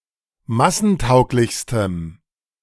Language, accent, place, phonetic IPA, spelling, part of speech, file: German, Germany, Berlin, [ˈmasn̩ˌtaʊ̯klɪçstəm], massentauglichstem, adjective, De-massentauglichstem.ogg
- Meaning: strong dative masculine/neuter singular superlative degree of massentauglich